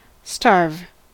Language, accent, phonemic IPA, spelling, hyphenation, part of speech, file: English, US, /stɑɹv/, starve, starve, verb, En-us-starve.ogg
- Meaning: 1. To die because of lack of food or of not eating 2. To suffer severely because of lack of food or of not eating 3. To be very hungry 4. To kill or attempt to kill by depriving of food